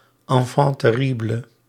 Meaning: enfant terrible
- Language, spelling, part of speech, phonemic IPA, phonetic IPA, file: Dutch, enfant terrible, noun, /ɑnˌfɑn tɛˈri.blə/, [ɑ̃ˌfɑ̃ tɛˈri.blə], Nl-enfant terrible.ogg